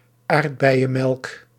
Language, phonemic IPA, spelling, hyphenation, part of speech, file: Dutch, /ˈaːrt.bɛi̯.ə(n)ˌmɛlk/, aardbeienmelk, aard‧bei‧en‧melk, noun, Nl-aardbeienmelk.ogg
- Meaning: a sweet dairy drink with strawberry flavour